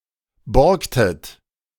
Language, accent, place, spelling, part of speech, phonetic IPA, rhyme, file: German, Germany, Berlin, borgtet, verb, [ˈbɔʁktət], -ɔʁktət, De-borgtet.ogg
- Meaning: inflection of borgen: 1. second-person plural preterite 2. second-person plural subjunctive II